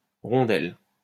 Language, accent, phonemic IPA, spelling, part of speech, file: French, France, /ʁɔ̃.dɛl/, rondelle, noun, LL-Q150 (fra)-rondelle.wav
- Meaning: 1. hockey puck 2. ring or annulus 3. disk; washer 4. onion ring 5. slice 6. asshole (anus)